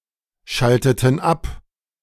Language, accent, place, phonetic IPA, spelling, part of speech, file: German, Germany, Berlin, [ˌʃaltətn̩ ˈap], schalteten ab, verb, De-schalteten ab.ogg
- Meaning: inflection of abschalten: 1. first/third-person plural preterite 2. first/third-person plural subjunctive II